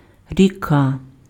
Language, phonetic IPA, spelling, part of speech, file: Ukrainian, [rʲiˈka], ріка, noun, Uk-ріка.ogg
- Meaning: river